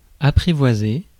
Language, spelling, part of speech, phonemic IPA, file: French, apprivoisé, verb, /a.pʁi.vwa.ze/, Fr-apprivoisé.ogg
- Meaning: past participle of apprivoiser